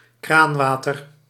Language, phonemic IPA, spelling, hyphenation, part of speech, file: Dutch, /ˈkraːnˌʋaː.tər/, kraanwater, kraan‧wa‧ter, noun, Nl-kraanwater.ogg
- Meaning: tap water, running water